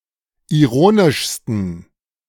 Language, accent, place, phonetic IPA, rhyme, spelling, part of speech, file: German, Germany, Berlin, [iˈʁoːnɪʃstn̩], -oːnɪʃstn̩, ironischsten, adjective, De-ironischsten.ogg
- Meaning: 1. superlative degree of ironisch 2. inflection of ironisch: strong genitive masculine/neuter singular superlative degree